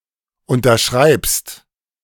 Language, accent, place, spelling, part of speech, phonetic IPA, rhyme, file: German, Germany, Berlin, unterschreibst, verb, [ˌʊntɐˈʃʁaɪ̯pst], -aɪ̯pst, De-unterschreibst.ogg
- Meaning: second-person singular present of unterschreiben